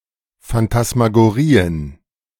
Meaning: plural of Phantasmagorie
- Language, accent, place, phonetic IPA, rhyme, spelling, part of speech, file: German, Germany, Berlin, [fantasmaɡoˈʁiːən], -iːən, Phantasmagorien, noun, De-Phantasmagorien.ogg